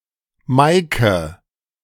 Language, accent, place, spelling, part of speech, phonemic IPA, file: German, Germany, Berlin, Meike, proper noun, /ˈmaɪ̯kə/, De-Meike.ogg
- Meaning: a diminutive of the female given name Maria, from Low German or West Frisian, variant of Maike